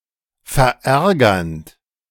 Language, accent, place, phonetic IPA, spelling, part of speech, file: German, Germany, Berlin, [fɛɐ̯ˈʔɛʁɡɐnt], verärgernd, verb, De-verärgernd.ogg
- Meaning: present participle of verärgern